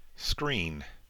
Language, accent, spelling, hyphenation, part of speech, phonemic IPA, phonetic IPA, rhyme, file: English, US, screen, screen, noun / verb, /ˈskɹiːn/, [ˈskɹ̈ʷɪi̯n], -iːn, En-us-screen.ogg
- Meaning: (noun) A physical barrier that shelters or hides.: A physical divider intended to block an area from view, or provide shelter from something dangerous